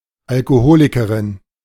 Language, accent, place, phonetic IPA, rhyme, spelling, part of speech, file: German, Germany, Berlin, [alkoˈhoːlɪkəʁɪn], -oːlɪkəʁɪn, Alkoholikerin, noun, De-Alkoholikerin.ogg
- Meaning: female alcoholic